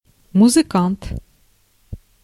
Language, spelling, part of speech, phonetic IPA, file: Russian, музыкант, noun, [mʊzɨˈkant], Ru-музыкант.ogg
- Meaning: 1. musician 2. a member of the Wagner Group